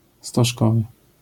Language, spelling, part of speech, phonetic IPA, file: Polish, stożkowy, adjective, [stɔʃˈkɔvɨ], LL-Q809 (pol)-stożkowy.wav